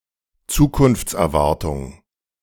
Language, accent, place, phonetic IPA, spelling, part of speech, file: German, Germany, Berlin, [ˈt͡suːkʊnft͡sʔɛɐ̯ˌvaʁtʊŋ], Zukunftserwartung, noun, De-Zukunftserwartung.ogg
- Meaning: 1. eschatological expectation(s) or beliefs, apocalyptic beliefs, (imminent) expectation of the end times 2. expectation regarding the future